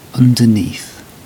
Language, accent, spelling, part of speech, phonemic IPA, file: English, UK, underneath, adverb / preposition / adjective / noun, /ˌʌndəˈniːθ/, En-uk-underneath.ogg
- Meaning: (adverb) 1. Below; in a place beneath 2. On the underside or lower face; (preposition) 1. Under, below, beneath 2. Under the control or power of; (adjective) Under, lower